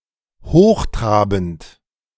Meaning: pompous, pretentious, highfalutin
- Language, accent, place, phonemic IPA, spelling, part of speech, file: German, Germany, Berlin, /ˈhoːχˌtʁaːbn̩t/, hochtrabend, adjective, De-hochtrabend.ogg